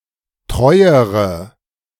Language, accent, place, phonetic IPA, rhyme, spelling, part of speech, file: German, Germany, Berlin, [ˈtʁɔɪ̯əʁə], -ɔɪ̯əʁə, treuere, adjective, De-treuere.ogg
- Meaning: inflection of treu: 1. strong/mixed nominative/accusative feminine singular comparative degree 2. strong nominative/accusative plural comparative degree